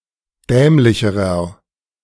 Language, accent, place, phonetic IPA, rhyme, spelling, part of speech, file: German, Germany, Berlin, [ˈdɛːmlɪçəʁɐ], -ɛːmlɪçəʁɐ, dämlicherer, adjective, De-dämlicherer.ogg
- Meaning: inflection of dämlich: 1. strong/mixed nominative masculine singular comparative degree 2. strong genitive/dative feminine singular comparative degree 3. strong genitive plural comparative degree